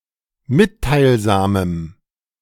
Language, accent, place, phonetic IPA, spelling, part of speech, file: German, Germany, Berlin, [ˈmɪttaɪ̯lˌzaːməm], mitteilsamem, adjective, De-mitteilsamem.ogg
- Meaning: strong dative masculine/neuter singular of mitteilsam